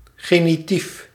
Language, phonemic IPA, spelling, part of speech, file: Dutch, /ˌɣeniˈtif/, genitief, noun, Nl-genitief.ogg
- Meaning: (adjective) genitive (of or pertaining to the case of possession); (noun) genitive case